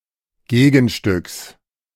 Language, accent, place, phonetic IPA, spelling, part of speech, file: German, Germany, Berlin, [ˈɡeːɡn̩ˌʃtʏks], Gegenstücks, noun, De-Gegenstücks.ogg
- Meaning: genitive singular of Gegenstück